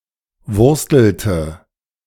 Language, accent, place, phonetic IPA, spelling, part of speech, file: German, Germany, Berlin, [ˈvʊʁstl̩tə], wurstelte, verb, De-wurstelte.ogg
- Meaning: inflection of wursteln: 1. first/third-person singular preterite 2. first/third-person singular subjunctive II